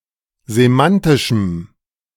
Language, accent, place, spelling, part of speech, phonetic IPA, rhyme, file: German, Germany, Berlin, semantischem, adjective, [zeˈmantɪʃm̩], -antɪʃm̩, De-semantischem.ogg
- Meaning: strong dative masculine/neuter singular of semantisch